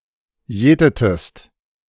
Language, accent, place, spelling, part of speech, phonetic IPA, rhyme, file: German, Germany, Berlin, jätetest, verb, [ˈjɛːtətəst], -ɛːtətəst, De-jätetest.ogg
- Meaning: inflection of jäten: 1. second-person singular preterite 2. second-person singular subjunctive II